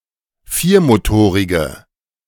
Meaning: inflection of viermotorig: 1. strong/mixed nominative/accusative feminine singular 2. strong nominative/accusative plural 3. weak nominative all-gender singular
- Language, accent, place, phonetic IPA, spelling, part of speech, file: German, Germany, Berlin, [ˈfiːɐ̯moˌtoːʁɪɡə], viermotorige, adjective, De-viermotorige.ogg